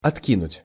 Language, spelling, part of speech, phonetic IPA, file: Russian, откинуть, verb, [ɐtˈkʲinʊtʲ], Ru-откинуть.ogg
- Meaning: 1. to throw away, to cast away 2. to turn down (e.g. a seat)